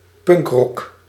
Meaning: punk, punk rock (rock genre)
- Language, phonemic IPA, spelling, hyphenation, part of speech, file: Dutch, /ˈpʏŋk.rɔk/, punkrock, punk‧rock, noun, Nl-punkrock.ogg